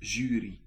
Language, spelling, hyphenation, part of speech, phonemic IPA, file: Dutch, jury, ju‧ry, noun, /ˈʒyː.ri/, Nl-jury.ogg
- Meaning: jury